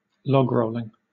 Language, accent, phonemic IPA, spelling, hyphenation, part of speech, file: English, Southern England, /ˈlɒɡˌɹəʊlɪŋ/, logrolling, log‧roll‧ing, noun / verb, LL-Q1860 (eng)-logrolling.wav
- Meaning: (noun) The rolling of logs from one place to another; an occasion when people meet to help each other roll logs